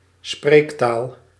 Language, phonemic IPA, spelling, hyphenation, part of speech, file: Dutch, /ˈspreːk.taːl/, spreektaal, spreek‧taal, noun, Nl-spreektaal.ogg
- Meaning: vernacular (everyday/colloquial speech), spoken language, everyday language